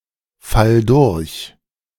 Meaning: singular imperative of durchfallen
- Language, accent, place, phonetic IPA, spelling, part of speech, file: German, Germany, Berlin, [ˌfal ˈdʊʁç], fall durch, verb, De-fall durch.ogg